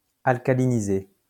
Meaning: past participle of alcaliniser
- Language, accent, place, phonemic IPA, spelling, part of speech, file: French, France, Lyon, /al.ka.li.ni.ze/, alcalinisé, verb, LL-Q150 (fra)-alcalinisé.wav